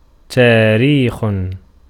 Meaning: 1. date, time 2. history 3. chronicles, annals
- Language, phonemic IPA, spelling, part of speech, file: Arabic, /taː.riːx/, تاريخ, noun, Ar-تاريخ.ogg